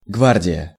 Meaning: guard (armed forces)
- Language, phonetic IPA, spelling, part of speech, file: Russian, [ˈɡvardʲɪjə], гвардия, noun, Ru-гвардия.ogg